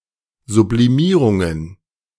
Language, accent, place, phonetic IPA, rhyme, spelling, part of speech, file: German, Germany, Berlin, [zubliˈmiːʁʊŋən], -iːʁʊŋən, Sublimierungen, noun, De-Sublimierungen.ogg
- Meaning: plural of Sublimierung